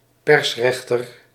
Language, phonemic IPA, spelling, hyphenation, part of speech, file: Dutch, /ˈpɛrsˌrɛx.tər/, persrechter, pers‧rech‧ter, noun, Nl-persrechter.ogg
- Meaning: magistrate who functions as a spokesperson at a court of law